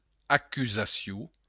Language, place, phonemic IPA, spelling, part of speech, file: Occitan, Béarn, /akyzaˈsju/, acusacion, noun, LL-Q14185 (oci)-acusacion.wav
- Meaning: accusation